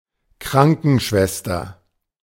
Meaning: nurse (female)
- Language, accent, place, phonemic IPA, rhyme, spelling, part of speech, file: German, Germany, Berlin, /ˈkʁaŋkənˌʃvɛstɐ/, -ɛstɐ, Krankenschwester, noun, De-Krankenschwester.ogg